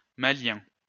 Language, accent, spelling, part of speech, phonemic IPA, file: French, France, malien, adjective, /ma.ljɛ̃/, LL-Q150 (fra)-malien.wav
- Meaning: from Mali; Malian